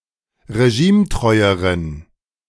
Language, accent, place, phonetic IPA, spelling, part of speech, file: German, Germany, Berlin, [ʁeˈʒiːmˌtʁɔɪ̯əʁən], regimetreueren, adjective, De-regimetreueren.ogg
- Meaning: inflection of regimetreu: 1. strong genitive masculine/neuter singular comparative degree 2. weak/mixed genitive/dative all-gender singular comparative degree